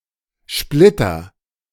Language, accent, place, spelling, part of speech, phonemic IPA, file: German, Germany, Berlin, Splitter, noun, /ˈʃplɪtɐ/, De-Splitter.ogg
- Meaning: 1. splinter, sliver 2. a DSL splitter or filter